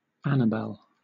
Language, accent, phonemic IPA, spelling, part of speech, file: English, Southern England, /ˈænəbɛl/, Annabel, proper noun, LL-Q1860 (eng)-Annabel.wav
- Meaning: A female given name from Latin